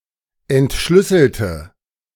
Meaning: inflection of entschlüsseln: 1. first/third-person singular preterite 2. first/third-person singular subjunctive II
- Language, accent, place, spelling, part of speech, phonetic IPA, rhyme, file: German, Germany, Berlin, entschlüsselte, adjective / verb, [ɛntˈʃlʏsl̩tə], -ʏsl̩tə, De-entschlüsselte.ogg